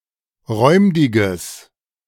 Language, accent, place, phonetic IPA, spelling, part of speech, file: German, Germany, Berlin, [ˈʁɔɪ̯mdɪɡəs], räumdiges, adjective, De-räumdiges.ogg
- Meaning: strong/mixed nominative/accusative neuter singular of räumdig